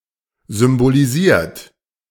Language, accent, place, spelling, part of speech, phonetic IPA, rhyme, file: German, Germany, Berlin, symbolisiert, verb, [zʏmboliˈziːɐ̯t], -iːɐ̯t, De-symbolisiert.ogg
- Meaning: 1. past participle of symbolisieren 2. inflection of symbolisieren: third-person singular present 3. inflection of symbolisieren: second-person plural present